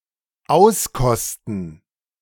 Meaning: to savour (UK)/savor (US); to relish, enjoy
- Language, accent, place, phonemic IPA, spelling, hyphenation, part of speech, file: German, Germany, Berlin, /ˈaʊ̯sˌkɔstn̩/, auskosten, aus‧kos‧ten, verb, De-auskosten.ogg